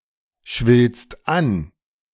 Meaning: second-person singular present of anschwellen
- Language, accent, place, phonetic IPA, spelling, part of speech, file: German, Germany, Berlin, [ˌʃvɪlst ˈan], schwillst an, verb, De-schwillst an.ogg